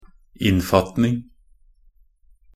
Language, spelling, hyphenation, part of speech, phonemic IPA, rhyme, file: Norwegian Bokmål, innfatning, inn‧fat‧ning, noun, /ˈɪnːfɑtnɪŋ/, -ɪŋ, Nb-innfatning.ogg
- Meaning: 1. the act of enclosing or enframing 2. something which encloses or enframes; a frame 3. ornaments (lines for framing the title, book page, etc)